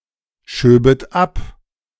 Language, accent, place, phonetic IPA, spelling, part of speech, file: German, Germany, Berlin, [ˌʃøːbət ˈap], schöbet ab, verb, De-schöbet ab.ogg
- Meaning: second-person plural subjunctive II of abschieben